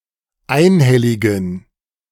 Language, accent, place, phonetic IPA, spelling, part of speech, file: German, Germany, Berlin, [ˈaɪ̯nˌhɛlɪɡn̩], einhelligen, adjective, De-einhelligen.ogg
- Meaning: inflection of einhellig: 1. strong genitive masculine/neuter singular 2. weak/mixed genitive/dative all-gender singular 3. strong/weak/mixed accusative masculine singular 4. strong dative plural